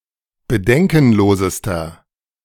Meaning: inflection of bedenkenlos: 1. strong/mixed nominative masculine singular superlative degree 2. strong genitive/dative feminine singular superlative degree 3. strong genitive plural superlative degree
- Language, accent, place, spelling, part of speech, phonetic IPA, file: German, Germany, Berlin, bedenkenlosester, adjective, [bəˈdɛŋkn̩ˌloːzəstɐ], De-bedenkenlosester.ogg